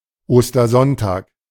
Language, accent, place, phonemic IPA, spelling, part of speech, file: German, Germany, Berlin, /ˌoːstɐˈzɔntaːk/, Ostersonntag, noun, De-Ostersonntag.ogg
- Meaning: Easter Sunday